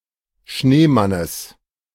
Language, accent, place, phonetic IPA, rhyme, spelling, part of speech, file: German, Germany, Berlin, [ˈʃneːˌmanəs], -eːmanəs, Schneemannes, noun, De-Schneemannes.ogg
- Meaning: genitive singular of Schneemann